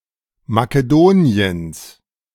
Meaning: genitive of Makedonien
- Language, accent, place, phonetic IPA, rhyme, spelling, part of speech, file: German, Germany, Berlin, [makəˈdoːni̯əns], -oːni̯əns, Makedoniens, noun, De-Makedoniens.ogg